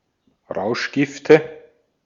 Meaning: nominative/accusative/genitive plural of Rauschgift
- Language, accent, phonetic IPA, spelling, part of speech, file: German, Austria, [ˈʁaʊ̯ʃˌɡɪftə], Rauschgifte, noun, De-at-Rauschgifte.ogg